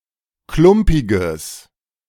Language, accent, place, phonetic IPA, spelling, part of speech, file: German, Germany, Berlin, [ˈklʊmpɪɡəs], klumpiges, adjective, De-klumpiges.ogg
- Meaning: strong/mixed nominative/accusative neuter singular of klumpig